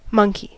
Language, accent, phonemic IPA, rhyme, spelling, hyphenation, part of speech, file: English, General American, /ˈmʌŋki/, -ʌŋki, monkey, monk‧ey, noun / verb, En-us-monkey.ogg
- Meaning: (noun) A member of the clade Simiiformes other than those in the clade Hominoidea containing apes, generally (but not universally) distinguished by small size, tails, and cheek pouches